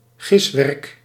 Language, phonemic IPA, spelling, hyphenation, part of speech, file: Dutch, /ˈɣɪs.ʋɛrk/, giswerk, gis‧werk, noun, Nl-giswerk.ogg
- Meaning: guesswork